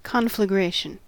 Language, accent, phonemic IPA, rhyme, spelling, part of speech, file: English, US, /ˌkɒnfləˈɡɹeɪʃən/, -eɪʃən, conflagration, noun, En-us-conflagration.ogg
- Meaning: 1. A large fire extending to many objects, or over a large space; a general burning 2. A large-scale conflict 3. A situation of great passion or emotion